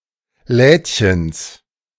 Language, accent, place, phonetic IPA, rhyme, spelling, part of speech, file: German, Germany, Berlin, [ˈlɛːtçəns], -ɛːtçəns, Lädchens, noun, De-Lädchens.ogg
- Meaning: genitive singular of Lädchen